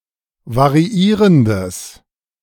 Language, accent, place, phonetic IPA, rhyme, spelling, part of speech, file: German, Germany, Berlin, [vaʁiˈiːʁəndəs], -iːʁəndəs, variierendes, adjective, De-variierendes.ogg
- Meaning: strong/mixed nominative/accusative neuter singular of variierend